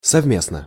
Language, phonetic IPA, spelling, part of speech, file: Russian, [sɐvˈmʲesnə], совместно, adverb / adjective, Ru-совместно.ogg
- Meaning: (adverb) jointly (together); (adjective) short neuter singular of совме́стный (sovméstnyj)